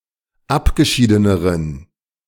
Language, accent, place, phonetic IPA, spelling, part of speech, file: German, Germany, Berlin, [ˈapɡəˌʃiːdənəʁən], abgeschiedeneren, adjective, De-abgeschiedeneren.ogg
- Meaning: inflection of abgeschieden: 1. strong genitive masculine/neuter singular comparative degree 2. weak/mixed genitive/dative all-gender singular comparative degree